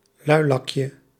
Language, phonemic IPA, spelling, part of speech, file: Dutch, /ˈlœylɑkjə/, luilakje, noun, Nl-luilakje.ogg
- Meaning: diminutive of luilak